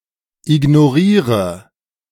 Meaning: inflection of ignorieren: 1. first-person singular present 2. first/third-person singular subjunctive I 3. singular imperative
- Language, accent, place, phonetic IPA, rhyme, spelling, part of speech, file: German, Germany, Berlin, [ɪɡnoˈʁiːʁə], -iːʁə, ignoriere, verb, De-ignoriere.ogg